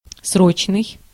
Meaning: 1. urgent, pressing 2. timed, at a fixed date, for a fixed period 3. periodic, routine
- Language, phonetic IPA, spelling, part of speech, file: Russian, [ˈsrot͡ɕnɨj], срочный, adjective, Ru-срочный.ogg